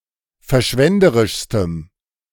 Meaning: strong dative masculine/neuter singular superlative degree of verschwenderisch
- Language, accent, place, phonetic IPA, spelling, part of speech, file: German, Germany, Berlin, [fɛɐ̯ˈʃvɛndəʁɪʃstəm], verschwenderischstem, adjective, De-verschwenderischstem.ogg